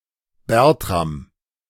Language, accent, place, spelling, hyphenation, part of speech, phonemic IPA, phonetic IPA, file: German, Germany, Berlin, Bertram, Bert‧ram, proper noun / noun, /ˈbɛrtram/, [ˈbɛʁtʁam], De-Bertram.ogg
- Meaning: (proper noun) 1. a male given name from the Germanic languages, equivalent to English Bertram 2. a surname originating as a patronymic; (noun) pellitory of Spain (Anacyclus pyrethrum)